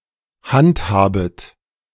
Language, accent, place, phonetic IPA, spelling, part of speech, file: German, Germany, Berlin, [ˈhantˌhaːbət], handhabet, verb, De-handhabet.ogg
- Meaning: second-person plural subjunctive I of handhaben